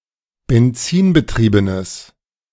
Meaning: strong/mixed nominative/accusative neuter singular of benzinbetrieben
- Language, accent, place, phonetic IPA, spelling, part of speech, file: German, Germany, Berlin, [bɛnˈt͡siːnbəˌtʁiːbənəs], benzinbetriebenes, adjective, De-benzinbetriebenes.ogg